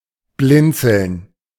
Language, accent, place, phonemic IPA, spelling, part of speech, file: German, Germany, Berlin, /ˈblɪnt͡sl̩n/, blinzeln, verb, De-blinzeln.ogg
- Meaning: 1. to squint 2. to blink